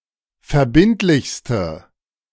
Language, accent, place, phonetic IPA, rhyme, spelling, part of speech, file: German, Germany, Berlin, [fɛɐ̯ˈbɪntlɪçstə], -ɪntlɪçstə, verbindlichste, adjective, De-verbindlichste.ogg
- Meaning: inflection of verbindlich: 1. strong/mixed nominative/accusative feminine singular superlative degree 2. strong nominative/accusative plural superlative degree